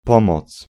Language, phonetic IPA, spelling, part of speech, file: Polish, [ˈpɔ̃mɔt͡s], pomoc, noun, Pl-pomoc.ogg